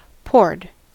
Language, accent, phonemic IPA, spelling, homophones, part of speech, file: English, General American, /pɔɹd/, poured, pored, verb, En-us-poured.ogg
- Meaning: simple past and past participle of pour